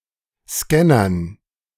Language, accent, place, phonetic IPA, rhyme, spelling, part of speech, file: German, Germany, Berlin, [ˈskɛnɐn], -ɛnɐn, Scannern, noun, De-Scannern.ogg
- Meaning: dative plural of Scanner